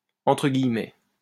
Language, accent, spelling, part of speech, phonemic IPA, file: French, France, entre guillemets, adverb, /ɑ̃.tʁə ɡij.mɛ/, LL-Q150 (fra)-entre guillemets.wav
- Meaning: quote unquote